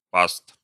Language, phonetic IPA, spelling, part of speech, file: Russian, [past], паст, noun, Ru-паст.ogg
- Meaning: genitive plural of па́ста (pásta)